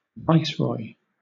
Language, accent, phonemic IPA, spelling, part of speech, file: English, Southern England, /ˈvaɪsˌɹɔɪ/, viceroy, noun, LL-Q1860 (eng)-viceroy.wav
- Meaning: 1. One who governs a country, province, or colony as the representative of a monarch 2. A zongdu